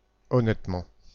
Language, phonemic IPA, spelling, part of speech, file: French, /ɔ.nɛt.mɑ̃/, honnêtement, adverb, Fr-honnêtement.ogg
- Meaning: honestly (in an honest way)